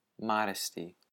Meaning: 1. The quality of being modest; having a limited and not overly high opinion of oneself and one's abilities 2. Moderate behaviour; reserve 3. Pudency, avoidance of sexual explicitness
- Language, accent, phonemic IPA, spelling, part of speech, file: English, US, /ˈmɒd.ə.sti/, modesty, noun, En-us-modesty.ogg